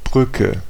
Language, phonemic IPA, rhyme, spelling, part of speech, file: German, /ˈbʁʏkə/, -ʏkə, Brücke, noun, De-Brücke.ogg
- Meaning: 1. bridge 2. The bridge pattern 3. pons (in the brain, "bridging" the brain stem with the rest of the brain) 4. bridge day (a day of leave taken between a holiday and a weekend)